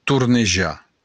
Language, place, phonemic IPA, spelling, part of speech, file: Occitan, Béarn, /tuɾneˈd͡ʒa/, tornejar, verb, LL-Q14185 (oci)-tornejar.wav
- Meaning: 1. to spin around 2. to wheel 3. to circle